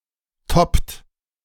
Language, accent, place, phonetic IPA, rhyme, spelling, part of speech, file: German, Germany, Berlin, [tɔpt], -ɔpt, toppt, verb, De-toppt.ogg
- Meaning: inflection of toppen: 1. second-person plural present 2. third-person singular present 3. plural imperative